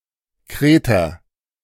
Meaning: Cretan
- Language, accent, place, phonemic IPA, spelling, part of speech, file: German, Germany, Berlin, /ˈkʁeːtɐ/, Kreter, noun, De-Kreter.ogg